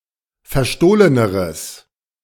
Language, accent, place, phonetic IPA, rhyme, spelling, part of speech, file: German, Germany, Berlin, [fɛɐ̯ˈʃtoːlənəʁəs], -oːlənəʁəs, verstohleneres, adjective, De-verstohleneres.ogg
- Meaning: strong/mixed nominative/accusative neuter singular comparative degree of verstohlen